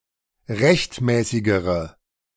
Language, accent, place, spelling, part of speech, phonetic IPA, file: German, Germany, Berlin, rechtmäßigere, adjective, [ˈʁɛçtˌmɛːsɪɡəʁə], De-rechtmäßigere.ogg
- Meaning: inflection of rechtmäßig: 1. strong/mixed nominative/accusative feminine singular comparative degree 2. strong nominative/accusative plural comparative degree